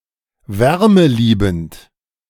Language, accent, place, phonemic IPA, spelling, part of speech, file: German, Germany, Berlin, /ˈvɛʁməˌliːbənt/, wärmeliebend, adjective, De-wärmeliebend.ogg
- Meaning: thermophilic